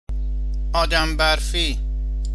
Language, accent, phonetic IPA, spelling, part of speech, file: Persian, Iran, [ʔɒː.d̪ǽm bæɹ.fíː], آدم‌برفی, noun, Fa-آدم برفی.ogg
- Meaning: snowman